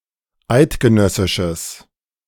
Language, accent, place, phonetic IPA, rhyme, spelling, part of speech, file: German, Germany, Berlin, [ˈaɪ̯tɡəˌnœsɪʃəs], -aɪ̯tɡənœsɪʃəs, eidgenössisches, adjective, De-eidgenössisches.ogg
- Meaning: strong/mixed nominative/accusative neuter singular of eidgenössisch